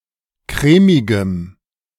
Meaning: strong dative masculine/neuter singular of crèmig
- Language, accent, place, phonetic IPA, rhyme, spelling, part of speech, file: German, Germany, Berlin, [ˈkʁɛːmɪɡəm], -ɛːmɪɡəm, crèmigem, adjective, De-crèmigem.ogg